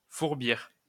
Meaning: to furbish, burnish
- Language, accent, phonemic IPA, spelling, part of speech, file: French, France, /fuʁ.biʁ/, fourbir, verb, LL-Q150 (fra)-fourbir.wav